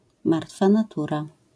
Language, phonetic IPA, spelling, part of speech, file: Polish, [ˈmartfa naˈtura], martwa natura, noun, LL-Q809 (pol)-martwa natura.wav